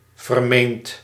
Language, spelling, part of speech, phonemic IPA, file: Dutch, vermeend, adjective / verb, /vərˈment/, Nl-vermeend.ogg
- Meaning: 1. wrongly alleged 2. supposed, alleged